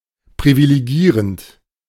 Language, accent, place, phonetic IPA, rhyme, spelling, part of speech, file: German, Germany, Berlin, [pʁivileˈɡiːʁənt], -iːʁənt, privilegierend, verb, De-privilegierend.ogg
- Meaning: present participle of privilegieren